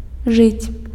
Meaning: to live (to be alive, exist)
- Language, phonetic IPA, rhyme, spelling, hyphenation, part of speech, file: Belarusian, [ʐɨt͡sʲ], -ɨt͡sʲ, жыць, жыць, verb, Be-жыць.ogg